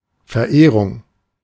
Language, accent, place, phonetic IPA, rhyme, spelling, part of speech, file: German, Germany, Berlin, [fɛɐ̯ˈʔeːʁʊŋ], -eːʁʊŋ, Verehrung, noun, De-Verehrung.ogg
- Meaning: 1. adoration 2. reverence 3. worship